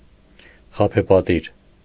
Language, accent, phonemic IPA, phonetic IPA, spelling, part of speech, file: Armenian, Eastern Armenian, /χɑpʰepɑˈtiɾ/, [χɑpʰepɑtíɾ], խաբեպատիր, adjective, Hy-խաբեպատիր.ogg
- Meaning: illusory, deceitful